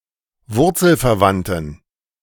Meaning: inflection of wurzelverwandt: 1. strong genitive masculine/neuter singular 2. weak/mixed genitive/dative all-gender singular 3. strong/weak/mixed accusative masculine singular 4. strong dative plural
- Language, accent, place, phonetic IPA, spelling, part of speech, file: German, Germany, Berlin, [ˈvʊʁt͡sl̩fɛɐ̯ˌvantn̩], wurzelverwandten, adjective, De-wurzelverwandten.ogg